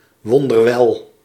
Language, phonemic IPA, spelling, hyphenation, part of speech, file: Dutch, /ˌʋɔn.dərˈʋɛl/, wonderwel, won‧der‧wel, adverb, Nl-wonderwel.ogg
- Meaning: 1. excellently, extremely well 2. remarkably well